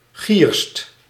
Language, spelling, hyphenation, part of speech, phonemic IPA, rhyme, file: Dutch, gierst, gierst, noun, /xiːrst/, -iːrst, Nl-gierst.ogg
- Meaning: millet (any of a group of various types of grass or its grains used as food)